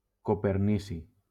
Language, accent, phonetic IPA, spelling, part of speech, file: Catalan, Valencia, [ko.peɾˈni.si], copernici, noun, LL-Q7026 (cat)-copernici.wav
- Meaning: copernicium